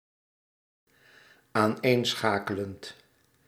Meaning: present participle of aaneenschakelen
- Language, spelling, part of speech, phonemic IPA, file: Dutch, aaneenschakelend, verb, /anˈensxakələnt/, Nl-aaneenschakelend.ogg